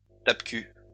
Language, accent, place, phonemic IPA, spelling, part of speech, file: French, France, Lyon, /tap.ky/, tape-cul, noun, LL-Q150 (fra)-tape-cul.wav
- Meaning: 1. a vehicle with poor suspension 2. a see-saw (child's game); a teeter-totter